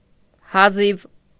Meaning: barely, scarcely, just
- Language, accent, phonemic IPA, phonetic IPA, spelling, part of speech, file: Armenian, Eastern Armenian, /hɑˈziv/, [hɑzív], հազիվ, adverb, Hy-հազիվ.ogg